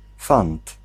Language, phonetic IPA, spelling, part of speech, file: Polish, [fãnt], fant, noun, Pl-fant.ogg